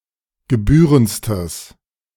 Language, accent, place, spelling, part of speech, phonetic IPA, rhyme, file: German, Germany, Berlin, gebührendstes, adjective, [ɡəˈbyːʁənt͡stəs], -yːʁənt͡stəs, De-gebührendstes.ogg
- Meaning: strong/mixed nominative/accusative neuter singular superlative degree of gebührend